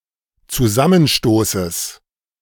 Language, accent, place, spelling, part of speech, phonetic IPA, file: German, Germany, Berlin, Zusammenstoßes, noun, [t͡suˈzamənˌʃtoːsəs], De-Zusammenstoßes.ogg
- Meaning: genitive singular of Zusammenstoß